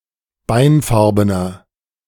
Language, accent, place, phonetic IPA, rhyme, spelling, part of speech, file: German, Germany, Berlin, [ˈbaɪ̯nˌfaʁbənɐ], -aɪ̯nfaʁbənɐ, beinfarbener, adjective, De-beinfarbener.ogg
- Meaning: inflection of beinfarben: 1. strong/mixed nominative masculine singular 2. strong genitive/dative feminine singular 3. strong genitive plural